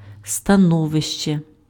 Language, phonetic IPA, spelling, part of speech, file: Ukrainian, [stɐˈnɔʋeʃt͡ʃe], становище, noun, Uk-становище.ogg
- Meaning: 1. condition, status 2. position, situation